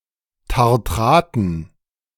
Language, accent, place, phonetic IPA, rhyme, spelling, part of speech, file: German, Germany, Berlin, [taʁˈtʁaːtn̩], -aːtn̩, Tartraten, noun, De-Tartraten.ogg
- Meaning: dative plural of Tartrat